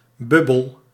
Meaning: 1. a bubble (spheric volume of air or another gas) 2. a bubble, (a period of) economic activity depending on speculation or embezzlement 3. an unknowingly socially divergent and isolated clique
- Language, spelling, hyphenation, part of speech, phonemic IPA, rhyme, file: Dutch, bubbel, bub‧bel, noun, /ˈbʏ.bəl/, -ʏbəl, Nl-bubbel.ogg